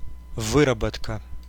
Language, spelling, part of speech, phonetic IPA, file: Russian, выработка, noun, [ˈvɨrəbətkə], Ru-выработка.ogg
- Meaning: 1. manufacture, making 2. output, production, yield 3. (mining) excavation, mine working